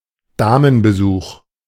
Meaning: visit by a woman
- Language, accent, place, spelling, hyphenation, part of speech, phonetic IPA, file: German, Germany, Berlin, Damenbesuch, Da‧men‧be‧such, noun, [ˈdaːmənbəˌzuːx], De-Damenbesuch.ogg